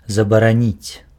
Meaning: to ban, to forbid, to prohibit
- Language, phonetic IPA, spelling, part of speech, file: Belarusian, [zabaraˈnʲit͡sʲ], забараніць, verb, Be-забараніць.ogg